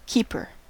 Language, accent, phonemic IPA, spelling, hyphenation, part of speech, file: English, US, /ˈkiː.pɚ/, keeper, keep‧er, noun, En-us-keeper.ogg
- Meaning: 1. One who keeps (retains) something 2. One who remains or keeps in a place or position 3. A fruit or vegetable that keeps (remains good) for some time without spoiling